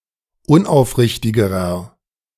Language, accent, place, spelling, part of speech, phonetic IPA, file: German, Germany, Berlin, unaufrichtigerer, adjective, [ˈʊnʔaʊ̯fˌʁɪçtɪɡəʁɐ], De-unaufrichtigerer.ogg
- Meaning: inflection of unaufrichtig: 1. strong/mixed nominative masculine singular comparative degree 2. strong genitive/dative feminine singular comparative degree 3. strong genitive plural comparative degree